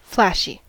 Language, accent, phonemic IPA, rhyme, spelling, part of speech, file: English, US, /ˈflæʃi/, -æʃi, flashy, adjective, En-us-flashy.ogg
- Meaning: 1. Showy; visually impressive, attention-getting, or appealing 2. Marked by frequent variations in water amount (compare flash flood) 3. Flashing; producing flashes 4. Drunk; tipsy